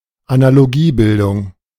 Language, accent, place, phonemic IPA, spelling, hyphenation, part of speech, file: German, Germany, Berlin, /analoˈɡiːˌbɪldʊŋ/, Analogiebildung, Ana‧lo‧gie‧bil‧dung, noun, De-Analogiebildung.ogg
- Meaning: analogical form